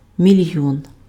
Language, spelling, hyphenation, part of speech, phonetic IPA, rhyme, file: Ukrainian, мільйон, міль‧йон, noun, [mʲiˈlʲjɔn], -ɔn, Uk-мільйон.ogg
- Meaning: million